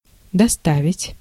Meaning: 1. to deliver, to convey, to supply, to furnish 2. to procure, to cause, to give 3. to give, to provide, to afford
- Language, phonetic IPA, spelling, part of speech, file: Russian, [dɐˈstavʲɪtʲ], доставить, verb, Ru-доставить.ogg